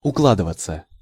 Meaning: 1. to pack (up), to be packing (up), to be packing one's things 2. to go (in, into) 3. to keep (within), to confine oneself (to) 4. to lie down
- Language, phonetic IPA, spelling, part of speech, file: Russian, [ʊˈkɫadɨvət͡sə], укладываться, verb, Ru-укладываться.ogg